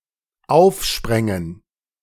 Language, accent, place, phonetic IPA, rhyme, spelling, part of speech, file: German, Germany, Berlin, [ˈaʊ̯fˌʃpʁɛŋən], -aʊ̯fʃpʁɛŋən, aufsprängen, verb, De-aufsprängen.ogg
- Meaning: first/third-person plural dependent subjunctive II of aufspringen